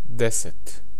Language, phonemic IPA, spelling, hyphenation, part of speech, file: Serbo-Croatian, /dêset/, deset, de‧set, numeral, Sr-deset.ogg
- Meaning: ten (10)